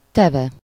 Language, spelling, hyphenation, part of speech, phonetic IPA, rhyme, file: Hungarian, teve, te‧ve, noun / verb, [ˈtɛvɛ], -vɛ, Hu-teve.ogg
- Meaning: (noun) camel; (verb) archaic form of tett, third-person singular indicative past indefinite of tesz (“to do; to put”)